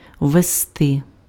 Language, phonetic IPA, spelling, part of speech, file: Ukrainian, [ʋːeˈstɪ], ввести, verb, Uk-ввести.ogg
- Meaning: 1. to lead in 2. to introduce, to bring in, to usher in 3. to insert, to input